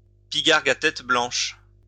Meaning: bald eagle (species of eagle native to North America, Haliaeetus leucocephalus)
- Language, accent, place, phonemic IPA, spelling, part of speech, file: French, France, Lyon, /pi.ɡaʁ.ɡ‿a tɛt blɑ̃ʃ/, pygargue à tête blanche, noun, LL-Q150 (fra)-pygargue à tête blanche.wav